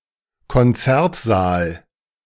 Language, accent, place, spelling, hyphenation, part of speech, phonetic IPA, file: German, Germany, Berlin, Konzertsaal, Kon‧zert‧saal, noun, [kɔnˈtsɛʁtˌzaːl], De-Konzertsaal.ogg
- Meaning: concert hall (large room)